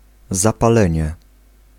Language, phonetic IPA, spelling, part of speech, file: Polish, [ˌzapaˈlɛ̃ɲɛ], zapalenie, noun, Pl-zapalenie.ogg